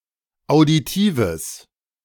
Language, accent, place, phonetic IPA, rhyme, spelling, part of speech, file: German, Germany, Berlin, [aʊ̯diˈtiːvəs], -iːvəs, auditives, adjective, De-auditives.ogg
- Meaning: strong/mixed nominative/accusative neuter singular of auditiv